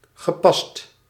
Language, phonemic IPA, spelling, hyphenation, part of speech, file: Dutch, /ɣəˈpɑst/, gepast, ge‧past, adjective / adverb / verb, Nl-gepast.ogg
- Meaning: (adjective) appropriate; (adverb) 1. appropriately 2. in exact change; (verb) past participle of passen